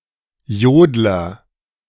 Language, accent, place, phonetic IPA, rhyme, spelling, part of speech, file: German, Germany, Berlin, [ˈjoːdlɐ], -oːdlɐ, Jodler, noun, De-Jodler.ogg
- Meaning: yodeler